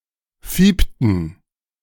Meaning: inflection of fiepen: 1. first/third-person plural preterite 2. first/third-person plural subjunctive II
- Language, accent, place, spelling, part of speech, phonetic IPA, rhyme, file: German, Germany, Berlin, fiepten, verb, [ˈfiːptn̩], -iːptn̩, De-fiepten.ogg